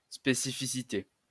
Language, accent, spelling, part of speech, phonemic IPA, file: French, France, spécificité, noun, /spe.si.fi.si.te/, LL-Q150 (fra)-spécificité.wav
- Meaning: specificity